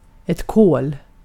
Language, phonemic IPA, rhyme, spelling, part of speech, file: Swedish, /koːl/, -oːl, kol, noun, Sv-kol.ogg
- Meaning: 1. carbon 2. coal (either rock or charcoal) 3. a piece of coal